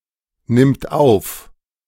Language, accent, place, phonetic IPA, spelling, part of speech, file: German, Germany, Berlin, [nɪmt ˈaʊ̯f], nimmt auf, verb, De-nimmt auf.ogg
- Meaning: third-person singular present of aufnehmen